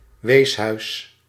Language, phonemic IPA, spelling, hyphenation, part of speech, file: Dutch, /ˈʋeːs.ɦœy̯s/, weeshuis, wees‧huis, noun, Nl-weeshuis.ogg
- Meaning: an orphanage